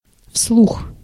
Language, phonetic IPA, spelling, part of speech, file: Russian, [fsɫux], вслух, adverb, Ru-вслух.ogg
- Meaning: aloud